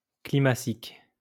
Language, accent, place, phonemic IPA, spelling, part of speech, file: French, France, Lyon, /kli.ma.sik/, climacique, adjective, LL-Q150 (fra)-climacique.wav
- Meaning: relating to the climax, whereby species are in equilibrium with their environment; climactic